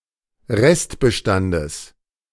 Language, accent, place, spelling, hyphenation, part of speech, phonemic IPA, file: German, Germany, Berlin, Restbestandes, Rest‧be‧stan‧des, noun, /ˈʁɛstbəˌʃtandəs/, De-Restbestandes.ogg
- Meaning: genitive of Restbestand